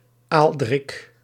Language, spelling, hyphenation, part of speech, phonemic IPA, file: Dutch, Aaldrik, Aal‧drik, proper noun, /ˈaːl.drɪk/, Nl-Aaldrik.ogg
- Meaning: a male given name